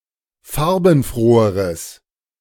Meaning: strong/mixed nominative/accusative neuter singular comparative degree of farbenfroh
- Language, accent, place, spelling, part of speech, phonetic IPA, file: German, Germany, Berlin, farbenfroheres, adjective, [ˈfaʁbn̩ˌfʁoːəʁəs], De-farbenfroheres.ogg